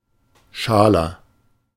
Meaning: inflection of schal: 1. strong/mixed nominative masculine singular 2. strong genitive/dative feminine singular 3. strong genitive plural
- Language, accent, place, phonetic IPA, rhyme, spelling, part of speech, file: German, Germany, Berlin, [ˈʃaːlɐ], -aːlɐ, schaler, adjective, De-schaler.ogg